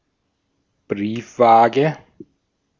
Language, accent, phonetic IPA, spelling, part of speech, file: German, Austria, [ˈbʁiːfˌvaːɡə], Briefwaage, noun, De-at-Briefwaage.ogg
- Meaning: letter balance